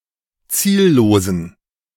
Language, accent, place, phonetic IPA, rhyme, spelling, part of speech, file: German, Germany, Berlin, [ˈt͡siːlloːzn̩], -iːlloːzn̩, ziellosen, adjective, De-ziellosen.ogg
- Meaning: inflection of ziellos: 1. strong genitive masculine/neuter singular 2. weak/mixed genitive/dative all-gender singular 3. strong/weak/mixed accusative masculine singular 4. strong dative plural